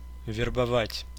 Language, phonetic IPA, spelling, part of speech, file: Russian, [vʲɪrbɐˈvatʲ], вербовать, verb, Ru-вербова́ть.ogg
- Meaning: to enlist, to recruit, to hire